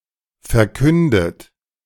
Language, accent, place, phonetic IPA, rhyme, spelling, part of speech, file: German, Germany, Berlin, [fɛɐ̯ˈkʏndət], -ʏndət, verkündet, verb, De-verkündet.ogg
- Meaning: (verb) past participle of verkünden; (adjective) proclaimed